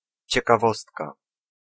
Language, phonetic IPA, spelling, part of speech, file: Polish, [ˌt͡ɕɛkaˈvɔstka], ciekawostka, noun, Pl-ciekawostka.ogg